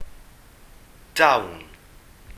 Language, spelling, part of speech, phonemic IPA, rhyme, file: Welsh, dawn, noun / verb, /dau̯n/, -au̯n, Cy-dawn.ogg
- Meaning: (noun) talent, natural gift, ability; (verb) first-person plural future colloquial of dod